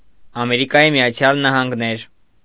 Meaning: United States of America (a country in North America)
- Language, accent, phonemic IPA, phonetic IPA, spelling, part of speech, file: Armenian, Eastern Armenian, /ɑmeɾikɑˈji miɑˈt͡sʰjɑl nɑhɑnɡˈneɾ/, [ɑmeɾikɑjí mi(j)ɑt͡sʰjɑ́l nɑhɑŋɡnéɾ], Ամերիկայի Միացյալ Նահանգներ, proper noun, Hy-Ամերիկայի Միացյալ Նահանգներ.ogg